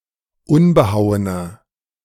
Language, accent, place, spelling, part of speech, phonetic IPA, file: German, Germany, Berlin, unbehauener, adjective, [ˈʊnbəˌhaʊ̯ənɐ], De-unbehauener.ogg
- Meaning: inflection of unbehauen: 1. strong/mixed nominative masculine singular 2. strong genitive/dative feminine singular 3. strong genitive plural